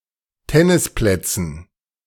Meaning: dative plural of Tennisplatz
- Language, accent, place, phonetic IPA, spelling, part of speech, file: German, Germany, Berlin, [ˈtɛnɪsˌplɛt͡sn̩], Tennisplätzen, noun, De-Tennisplätzen.ogg